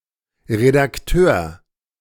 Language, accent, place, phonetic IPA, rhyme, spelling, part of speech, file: German, Germany, Berlin, [ʁedakˈtøːɐ̯], -øːɐ̯, Redakteur, noun, De-Redakteur.ogg
- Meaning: editor (male or of unspecified gender)